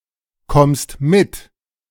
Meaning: second-person singular present of mitkommen
- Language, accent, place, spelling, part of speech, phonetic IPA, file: German, Germany, Berlin, kommst mit, verb, [ˌkɔmst ˈmɪt], De-kommst mit.ogg